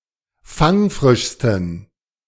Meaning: 1. superlative degree of fangfrisch 2. inflection of fangfrisch: strong genitive masculine/neuter singular superlative degree
- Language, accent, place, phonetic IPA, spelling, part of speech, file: German, Germany, Berlin, [ˈfaŋˌfʁɪʃstn̩], fangfrischsten, adjective, De-fangfrischsten.ogg